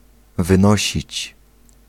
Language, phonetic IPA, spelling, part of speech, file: Polish, [vɨ̃ˈnɔɕit͡ɕ], wynosić, verb, Pl-wynosić.ogg